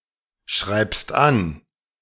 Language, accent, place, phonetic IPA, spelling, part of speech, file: German, Germany, Berlin, [ˌʃʁaɪ̯pst ˈan], schreibst an, verb, De-schreibst an.ogg
- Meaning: second-person singular present of anschreiben